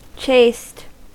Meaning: Synonym of pure and virtuous, particularly: 1. Sexually pure, abstaining from immoral or unlawful sexual intercourse 2. Synonym of celibate, abstaining from any sexual intercourse
- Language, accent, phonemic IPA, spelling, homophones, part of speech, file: English, US, /t͡ʃeɪst/, chaste, chased, adjective, En-us-chaste.ogg